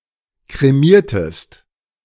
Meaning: inflection of kremieren: 1. second-person singular preterite 2. second-person singular subjunctive II
- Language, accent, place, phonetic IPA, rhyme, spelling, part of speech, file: German, Germany, Berlin, [kʁeˈmiːɐ̯təst], -iːɐ̯təst, kremiertest, verb, De-kremiertest.ogg